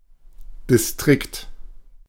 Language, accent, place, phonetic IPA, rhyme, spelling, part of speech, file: German, Germany, Berlin, [dɪsˈtʁɪkt], -ɪkt, Distrikt, noun, De-Distrikt.ogg
- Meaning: district